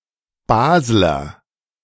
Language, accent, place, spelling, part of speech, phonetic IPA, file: German, Germany, Berlin, Basler, noun, [ˈbaːzlɐ], De-Basler.ogg
- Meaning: Basler (a native or inhabitant of Basel)